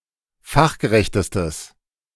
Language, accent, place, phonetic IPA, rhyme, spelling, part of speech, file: German, Germany, Berlin, [ˈfaxɡəˌʁɛçtəstəs], -axɡəʁɛçtəstəs, fachgerechtestes, adjective, De-fachgerechtestes.ogg
- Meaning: strong/mixed nominative/accusative neuter singular superlative degree of fachgerecht